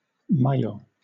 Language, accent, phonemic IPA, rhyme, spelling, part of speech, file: English, Southern England, /maɪˈjəʊ/, -əʊ, maillot, noun, LL-Q1860 (eng)-maillot.wav
- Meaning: 1. A one-piece swimsuit (for women) 2. A leotard or tights of stretchable jersey fabric, generally worn by dancers, gymnasts or cyclists